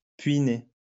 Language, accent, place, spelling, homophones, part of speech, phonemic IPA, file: French, France, Lyon, puînée, puîné / puînées / puînés, adjective, /pɥi.ne/, LL-Q150 (fra)-puînée.wav
- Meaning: feminine singular of puîné